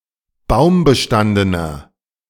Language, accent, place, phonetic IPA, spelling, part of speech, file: German, Germany, Berlin, [ˈbaʊ̯mbəˌʃtandənɐ], baumbestandener, adjective, De-baumbestandener.ogg
- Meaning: inflection of baumbestanden: 1. strong/mixed nominative masculine singular 2. strong genitive/dative feminine singular 3. strong genitive plural